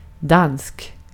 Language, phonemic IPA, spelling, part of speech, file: Swedish, /dansk/, dansk, adjective / noun, Sv-dansk.ogg
- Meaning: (adjective) Danish; of or pertaining to Denmark; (noun) a Dane